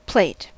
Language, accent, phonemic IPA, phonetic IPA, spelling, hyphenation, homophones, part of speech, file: English, US, /ˈpleɪ̯t/, [ˈpʰl̥eɪ̯t], plate, plate, plait, noun / verb, En-us-plate.ogg
- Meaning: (noun) 1. A slightly curved but almost flat dish from which food is served or eaten 2. Such dishes collectively 3. The contents of such a dish 4. A course at a meal